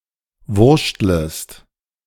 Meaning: second-person singular subjunctive I of wurschteln
- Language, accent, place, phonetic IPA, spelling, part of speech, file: German, Germany, Berlin, [ˈvʊʁʃtləst], wurschtlest, verb, De-wurschtlest.ogg